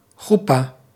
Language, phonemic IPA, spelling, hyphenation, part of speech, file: Dutch, /xuˈpaː/, choepa, choe‧pa, noun, Nl-choepa.ogg
- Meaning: 1. chuppah, wedding canopy 2. chuppah, wedding ceremony